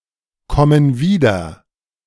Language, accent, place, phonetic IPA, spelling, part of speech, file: German, Germany, Berlin, [ˌkɔmən ˈviːdɐ], kommen wieder, verb, De-kommen wieder.ogg
- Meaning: inflection of wiederkommen: 1. first/third-person plural present 2. first/third-person plural subjunctive I